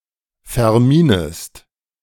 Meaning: second-person singular subjunctive I of verminen
- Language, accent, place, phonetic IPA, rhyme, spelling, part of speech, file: German, Germany, Berlin, [fɛɐ̯ˈmiːnəst], -iːnəst, verminest, verb, De-verminest.ogg